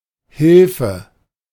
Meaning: help, aid: 1. the act of helping, assistance 2. a thing or person that helps
- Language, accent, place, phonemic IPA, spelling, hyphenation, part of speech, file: German, Germany, Berlin, /ˈhɪlfə/, Hilfe, Hil‧fe, noun, De-Hilfe.ogg